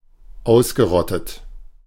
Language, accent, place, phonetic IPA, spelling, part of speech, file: German, Germany, Berlin, [ˈaʊ̯sɡəˌʁɔtət], ausgerottet, verb, De-ausgerottet.ogg
- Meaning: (verb) past participle of ausrotten; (adjective) 1. exterminated 2. extinct